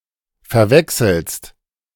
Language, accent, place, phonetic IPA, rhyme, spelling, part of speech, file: German, Germany, Berlin, [fɛɐ̯ˈvɛksl̩st], -ɛksl̩st, verwechselst, verb, De-verwechselst.ogg
- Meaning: second-person singular present of verwechseln